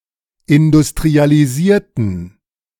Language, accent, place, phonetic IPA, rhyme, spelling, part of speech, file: German, Germany, Berlin, [ɪndʊstʁialiˈziːɐ̯tn̩], -iːɐ̯tn̩, industrialisierten, adjective / verb, De-industrialisierten.ogg
- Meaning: inflection of industrialisieren: 1. first/third-person plural preterite 2. first/third-person plural subjunctive II